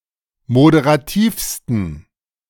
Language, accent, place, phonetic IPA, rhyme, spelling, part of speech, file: German, Germany, Berlin, [modeʁaˈtiːfstn̩], -iːfstn̩, moderativsten, adjective, De-moderativsten.ogg
- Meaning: 1. superlative degree of moderativ 2. inflection of moderativ: strong genitive masculine/neuter singular superlative degree